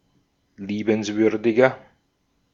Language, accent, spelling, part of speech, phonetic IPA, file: German, Austria, liebenswürdiger, adjective, [ˈliːbənsvʏʁdɪɡɐ], De-at-liebenswürdiger.ogg
- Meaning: 1. comparative degree of liebenswürdig 2. inflection of liebenswürdig: strong/mixed nominative masculine singular 3. inflection of liebenswürdig: strong genitive/dative feminine singular